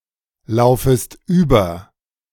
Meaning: second-person singular subjunctive I of überlaufen
- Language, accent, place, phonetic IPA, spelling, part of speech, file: German, Germany, Berlin, [ˌlaʊ̯fəst ˈyːbɐ], laufest über, verb, De-laufest über.ogg